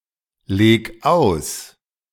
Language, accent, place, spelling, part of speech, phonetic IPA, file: German, Germany, Berlin, leg aus, verb, [ˌleːk ˈaʊ̯s], De-leg aus.ogg
- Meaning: 1. singular imperative of auslegen 2. first-person singular present of auslegen